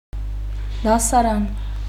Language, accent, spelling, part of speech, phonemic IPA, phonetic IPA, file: Armenian, Eastern Armenian, դասարան, noun, /dɑsɑˈɾɑn/, [dɑsɑɾɑ́n], Hy-դասարան.ogg
- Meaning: 1. classroom, schoolroom 2. grade (United States); form (British)